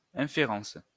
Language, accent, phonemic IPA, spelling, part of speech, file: French, France, /ɛ̃.fe.ʁɑ̃s/, inférence, noun, LL-Q150 (fra)-inférence.wav
- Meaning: inference